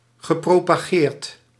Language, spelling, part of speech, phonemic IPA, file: Dutch, gepropageerd, verb / adjective, /ɣəˌpropaˈɣert/, Nl-gepropageerd.ogg
- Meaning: past participle of propageren